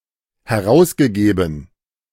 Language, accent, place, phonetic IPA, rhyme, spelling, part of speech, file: German, Germany, Berlin, [hɛˈʁaʊ̯sɡəˌɡeːbn̩], -aʊ̯sɡəɡeːbn̩, herausgegeben, verb, De-herausgegeben.ogg
- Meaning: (verb) past participle of herausgeben; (adjective) 1. released 2. published